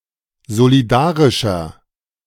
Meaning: 1. comparative degree of solidarisch 2. inflection of solidarisch: strong/mixed nominative masculine singular 3. inflection of solidarisch: strong genitive/dative feminine singular
- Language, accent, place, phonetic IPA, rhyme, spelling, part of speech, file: German, Germany, Berlin, [zoliˈdaːʁɪʃɐ], -aːʁɪʃɐ, solidarischer, adjective, De-solidarischer.ogg